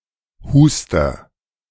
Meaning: 1. A single instance of coughing 2. One who coughs; a cougher (male or unspecified gender)
- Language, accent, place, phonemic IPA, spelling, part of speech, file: German, Germany, Berlin, /ˈhuːstɐ/, Huster, noun, De-Huster.ogg